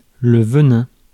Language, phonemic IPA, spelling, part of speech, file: French, /və.nɛ̃/, venin, noun, Fr-venin.ogg
- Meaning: 1. venom (poison) 2. venom, vitriol (feeling of malign or contempt)